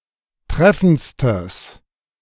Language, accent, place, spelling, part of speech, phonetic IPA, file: German, Germany, Berlin, treffendstes, adjective, [ˈtʁɛfn̩t͡stəs], De-treffendstes.ogg
- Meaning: strong/mixed nominative/accusative neuter singular superlative degree of treffend